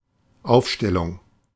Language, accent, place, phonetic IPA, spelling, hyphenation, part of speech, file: German, Germany, Berlin, [ˈaʊ̯fˌʃtɛlʊŋ], Aufstellung, Auf‧stel‧lung, noun, De-Aufstellung.ogg
- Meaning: 1. installation, deployment, establishment, erection 2. schedule, list 3. nomination 4. lineup, line-up (collectively, the members of a team)